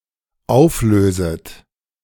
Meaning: second-person plural dependent subjunctive I of auflösen
- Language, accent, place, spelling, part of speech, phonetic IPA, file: German, Germany, Berlin, auflöset, verb, [ˈaʊ̯fˌløːzət], De-auflöset.ogg